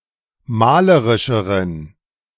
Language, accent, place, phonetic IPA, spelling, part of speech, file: German, Germany, Berlin, [ˈmaːləʁɪʃəʁən], malerischeren, adjective, De-malerischeren.ogg
- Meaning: inflection of malerisch: 1. strong genitive masculine/neuter singular comparative degree 2. weak/mixed genitive/dative all-gender singular comparative degree